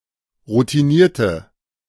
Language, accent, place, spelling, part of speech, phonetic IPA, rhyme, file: German, Germany, Berlin, routinierte, adjective, [ʁutiˈniːɐ̯tə], -iːɐ̯tə, De-routinierte.ogg
- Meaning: inflection of routiniert: 1. strong/mixed nominative/accusative feminine singular 2. strong nominative/accusative plural 3. weak nominative all-gender singular